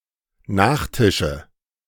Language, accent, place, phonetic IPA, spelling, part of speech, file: German, Germany, Berlin, [ˈnaːxˌtɪʃə], Nachtische, noun, De-Nachtische.ogg
- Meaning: nominative/accusative/genitive plural of Nachtisch